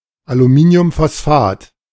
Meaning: aluminium phosphate
- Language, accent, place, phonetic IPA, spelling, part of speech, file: German, Germany, Berlin, [aluˈmiːni̯ʊmfɔsˌfaːt], Aluminiumphosphat, noun, De-Aluminiumphosphat.ogg